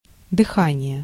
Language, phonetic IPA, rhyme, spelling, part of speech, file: Russian, [dɨˈxanʲɪje], -anʲɪje, дыхание, noun, Ru-дыхание.ogg
- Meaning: 1. breath 2. breathing, respiration